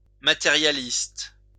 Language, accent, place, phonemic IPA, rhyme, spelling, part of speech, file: French, France, Lyon, /ma.te.ʁja.list/, -ist, matérialiste, noun / adjective, LL-Q150 (fra)-matérialiste.wav
- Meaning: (noun) materialist; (adjective) materialistic